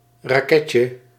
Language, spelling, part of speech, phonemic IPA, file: Dutch, raketje, noun, /raˈkɛcə/, Nl-raketje.ogg
- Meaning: diminutive of raket